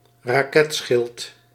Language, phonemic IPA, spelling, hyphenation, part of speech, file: Dutch, /raːˈkɛtˌsxɪlt/, raketschild, ra‧ket‧schild, noun, Nl-raketschild.ogg
- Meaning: rocket shield